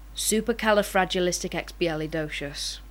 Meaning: Fantastic, marvellous, wonderful
- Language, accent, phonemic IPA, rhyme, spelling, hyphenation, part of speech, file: English, Received Pronunciation, /ˌsuːpəkælɪˌfɹæd͡ʒɪlɪstɪkˌɛkspiælɪˈdəʊʃəs/, -əʊʃəs, supercalifragilisticexpialidocious, su‧per‧cal‧i‧frag‧i‧lis‧tic‧ex‧pi‧a‧li‧do‧cious, adjective, Supercalifragilisticexpialidocious.ogg